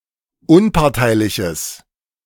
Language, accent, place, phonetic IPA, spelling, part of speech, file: German, Germany, Berlin, [ˈʊnpaʁtaɪ̯lɪçəs], unparteiliches, adjective, De-unparteiliches.ogg
- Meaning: strong/mixed nominative/accusative neuter singular of unparteilich